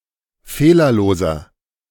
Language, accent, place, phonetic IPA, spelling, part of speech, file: German, Germany, Berlin, [ˈfeːlɐˌloːzɐ], fehlerloser, adjective, De-fehlerloser.ogg
- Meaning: inflection of fehlerlos: 1. strong/mixed nominative masculine singular 2. strong genitive/dative feminine singular 3. strong genitive plural